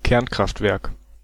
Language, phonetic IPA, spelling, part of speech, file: German, [ˈkɛʁnkʁaftˌvɛʁk], Kernkraftwerk, noun, De-Kernkraftwerk.ogg
- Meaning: nuclear power plant